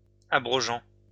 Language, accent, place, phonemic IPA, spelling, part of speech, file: French, France, Lyon, /a.bʁɔ.ʒɑ̃/, abrogeant, verb, LL-Q150 (fra)-abrogeant.wav
- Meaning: present participle of abroger